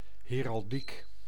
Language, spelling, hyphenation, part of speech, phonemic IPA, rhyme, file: Dutch, heraldiek, he‧ral‧diek, noun, /ɦeːrɑlˈdik/, -ik, Nl-heraldiek.ogg
- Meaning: heraldry